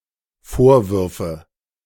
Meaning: first/third-person singular dependent subjunctive II of vorwerfen
- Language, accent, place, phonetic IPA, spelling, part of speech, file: German, Germany, Berlin, [ˈfoːɐ̯ˌvʏʁfə], vorwürfe, verb, De-vorwürfe.ogg